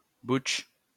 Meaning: butch (masculine queer woman) (contrast fem)
- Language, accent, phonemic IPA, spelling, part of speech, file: French, France, /butʃ/, butch, noun, LL-Q150 (fra)-butch.wav